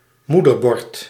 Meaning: motherboard
- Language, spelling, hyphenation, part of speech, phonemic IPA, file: Dutch, moederbord, moe‧der‧bord, noun, /ˈmu.dərˌbɔrt/, Nl-moederbord.ogg